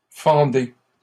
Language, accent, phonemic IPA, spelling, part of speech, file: French, Canada, /fɑ̃.de/, fendez, verb, LL-Q150 (fra)-fendez.wav
- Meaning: inflection of fendre: 1. second-person plural present indicative 2. second-person plural imperative